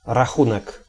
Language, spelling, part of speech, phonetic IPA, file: Polish, rachunek, noun, [raˈxũnɛk], Pl-rachunek.ogg